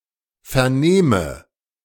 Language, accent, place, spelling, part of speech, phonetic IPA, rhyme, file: German, Germany, Berlin, vernehme, verb, [fɛɐ̯ˈneːmə], -eːmə, De-vernehme.ogg
- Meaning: inflection of vernehmen: 1. first-person singular present 2. first/third-person singular subjunctive I